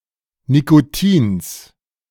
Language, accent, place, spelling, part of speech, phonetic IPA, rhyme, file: German, Germany, Berlin, Nikotins, noun, [nikoˈtiːns], -iːns, De-Nikotins.ogg
- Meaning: genitive singular of Nikotin